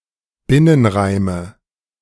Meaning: nominative/accusative/genitive plural of Binnenreim
- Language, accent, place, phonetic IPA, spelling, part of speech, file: German, Germany, Berlin, [ˈbɪnənˌʁaɪ̯mə], Binnenreime, noun, De-Binnenreime.ogg